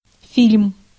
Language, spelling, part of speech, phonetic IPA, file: Russian, фильм, noun, [fʲilʲm], Ru-фильм.ogg
- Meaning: film, movie